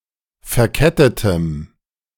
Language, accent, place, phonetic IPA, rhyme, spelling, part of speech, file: German, Germany, Berlin, [fɛɐ̯ˈkɛtətəm], -ɛtətəm, verkettetem, adjective, De-verkettetem.ogg
- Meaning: strong dative masculine/neuter singular of verkettet